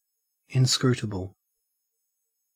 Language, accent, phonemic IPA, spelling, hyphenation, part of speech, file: English, Australia, /ˌɪnˈskɹuːtəbl̩/, inscrutable, in‧scrut‧able, adjective / noun, En-au-inscrutable.ogg
- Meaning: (adjective) Difficult or impossible to comprehend, fathom, or interpret; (noun) One who or that which is inscrutable; a person, etc. that cannot be comprehended